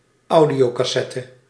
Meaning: an audio cassette
- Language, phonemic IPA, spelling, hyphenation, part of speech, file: Dutch, /ˈɑu̯.di.oː.kɑˌsɛ.tə/, audiocassette, au‧dio‧cas‧set‧te, noun, Nl-audiocassette.ogg